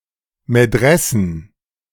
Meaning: plural of Medresse
- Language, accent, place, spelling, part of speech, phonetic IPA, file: German, Germany, Berlin, Medressen, noun, [ˈmɛdʁɛsn̩], De-Medressen.ogg